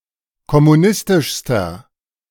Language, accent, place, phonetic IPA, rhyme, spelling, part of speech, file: German, Germany, Berlin, [kɔmuˈnɪstɪʃstɐ], -ɪstɪʃstɐ, kommunistischster, adjective, De-kommunistischster.ogg
- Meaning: inflection of kommunistisch: 1. strong/mixed nominative masculine singular superlative degree 2. strong genitive/dative feminine singular superlative degree